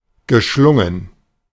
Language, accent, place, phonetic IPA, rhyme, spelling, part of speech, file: German, Germany, Berlin, [ɡəˈʃlʊŋən], -ʊŋən, geschlungen, verb, De-geschlungen.ogg
- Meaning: past participle of schlingen